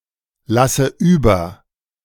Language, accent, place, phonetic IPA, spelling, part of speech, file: German, Germany, Berlin, [ˌlasə ˈyːbɐ], lasse über, verb, De-lasse über.ogg
- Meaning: inflection of überlassen: 1. first-person singular present 2. first/third-person singular subjunctive I 3. singular imperative